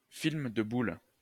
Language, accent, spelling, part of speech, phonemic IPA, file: French, France, film de boules, noun, /film də bul/, LL-Q150 (fra)-film de boules.wav
- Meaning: a porn movie, a skin flick, a blue movie, a porno